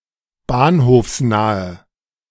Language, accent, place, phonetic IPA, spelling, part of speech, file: German, Germany, Berlin, [ˈbaːnhoːfsˌnaːə], bahnhofsnahe, adjective, De-bahnhofsnahe.ogg
- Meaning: inflection of bahnhofsnah: 1. strong/mixed nominative/accusative feminine singular 2. strong nominative/accusative plural 3. weak nominative all-gender singular